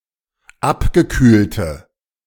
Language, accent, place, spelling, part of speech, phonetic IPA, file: German, Germany, Berlin, abgekühlte, adjective, [ˈapɡəˌkyːltə], De-abgekühlte.ogg
- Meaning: inflection of abgekühlt: 1. strong/mixed nominative/accusative feminine singular 2. strong nominative/accusative plural 3. weak nominative all-gender singular